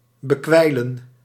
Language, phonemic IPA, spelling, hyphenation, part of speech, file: Dutch, /bəˈkʋɛi̯.lə(n)/, bekwijlen, be‧kwijlen, verb, Nl-bekwijlen.ogg
- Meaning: to cover in drool, to drool on